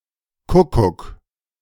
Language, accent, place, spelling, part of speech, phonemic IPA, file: German, Germany, Berlin, Kuckuck, noun, /ˈkʊkʊk/, De-Kuckuck.ogg
- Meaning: 1. cuckoo (Cuculus canorus) 2. bailiff's seal